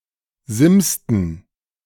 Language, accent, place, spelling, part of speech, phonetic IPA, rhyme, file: German, Germany, Berlin, simsten, verb, [ˈzɪmstn̩], -ɪmstn̩, De-simsten.ogg
- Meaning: inflection of simsen: 1. first/third-person plural preterite 2. first/third-person plural subjunctive II